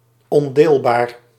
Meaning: indivisible
- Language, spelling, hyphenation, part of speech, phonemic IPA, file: Dutch, ondeelbaar, on‧deel‧baar, adjective, /ɔnˈdeːl.baːr/, Nl-ondeelbaar.ogg